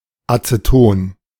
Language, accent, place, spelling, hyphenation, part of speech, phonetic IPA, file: German, Germany, Berlin, Aceton, Ace‧ton, noun, [at͡səˈtoːn], De-Aceton.ogg
- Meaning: acetone